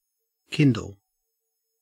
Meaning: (verb) 1. To start (a fire) or light (a torch, a match, coals, etc.) 2. To arouse or inspire (a passion, etc) 3. To begin to grow or take hold
- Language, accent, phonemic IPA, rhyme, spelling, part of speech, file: English, Australia, /ˈkɪn.dəl/, -ɪndəl, kindle, verb / noun / adjective, En-au-kindle.ogg